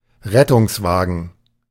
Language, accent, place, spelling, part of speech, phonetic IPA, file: German, Germany, Berlin, Rettungswagen, noun, [ˈʁɛtʊŋsˌvaːɡn̩], De-Rettungswagen.ogg
- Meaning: ambulance